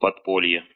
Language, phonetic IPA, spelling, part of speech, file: Russian, [pɐtˈpolʲje], подполье, noun, Ru-подпо́лье.ogg
- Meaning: underground